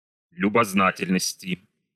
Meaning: genitive/dative/prepositional singular of любозна́тельность (ljuboznátelʹnostʹ)
- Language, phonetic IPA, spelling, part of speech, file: Russian, [lʲʊbɐzˈnatʲɪlʲnəsʲtʲɪ], любознательности, noun, Ru-любознательности.ogg